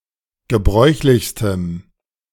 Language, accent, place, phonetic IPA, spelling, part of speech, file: German, Germany, Berlin, [ɡəˈbʁɔɪ̯çlɪçstəm], gebräuchlichstem, adjective, De-gebräuchlichstem.ogg
- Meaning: strong dative masculine/neuter singular superlative degree of gebräuchlich